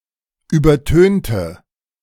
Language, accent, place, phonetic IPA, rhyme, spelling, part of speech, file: German, Germany, Berlin, [ˌyːbɐˈtøːntə], -øːntə, übertönte, adjective / verb, De-übertönte.ogg
- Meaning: inflection of übertönen: 1. first/third-person singular preterite 2. first/third-person singular subjunctive II